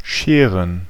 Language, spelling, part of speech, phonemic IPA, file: German, Scheren, noun, /ˈʃeːʁən/, De-Scheren.ogg
- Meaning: 1. gerund of scheren 2. plural of Schere